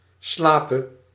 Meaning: singular present subjunctive of slapen
- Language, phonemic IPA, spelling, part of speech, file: Dutch, /ˈslapə/, slape, verb, Nl-slape.ogg